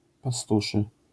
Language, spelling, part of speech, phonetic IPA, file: Polish, pastuszy, adjective, [paˈstuʃɨ], LL-Q809 (pol)-pastuszy.wav